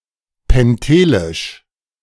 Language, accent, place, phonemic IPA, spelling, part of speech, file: German, Germany, Berlin, /pɛnˈteːlɪʃ/, pentelisch, adjective, De-pentelisch.ogg
- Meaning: of Mount Pentelicus, near Athens; Pentelic